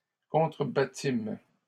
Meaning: first-person plural past historic of contrebattre
- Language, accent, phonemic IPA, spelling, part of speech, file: French, Canada, /kɔ̃.tʁə.ba.tim/, contrebattîmes, verb, LL-Q150 (fra)-contrebattîmes.wav